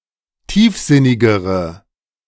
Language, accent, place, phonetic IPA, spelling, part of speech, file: German, Germany, Berlin, [ˈtiːfˌzɪnɪɡəʁə], tiefsinnigere, adjective, De-tiefsinnigere.ogg
- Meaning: inflection of tiefsinnig: 1. strong/mixed nominative/accusative feminine singular comparative degree 2. strong nominative/accusative plural comparative degree